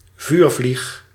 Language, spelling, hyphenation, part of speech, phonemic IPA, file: Dutch, vuurvlieg, vuur‧vlieg, noun, /ˈvyːr.vlix/, Nl-vuurvlieg.ogg
- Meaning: a firefly, beetle of the family Lampyridae, especially its grub